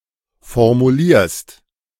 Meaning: second-person singular present of formulieren
- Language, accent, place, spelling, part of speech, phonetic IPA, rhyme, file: German, Germany, Berlin, formulierst, verb, [fɔʁmuˈliːɐ̯st], -iːɐ̯st, De-formulierst.ogg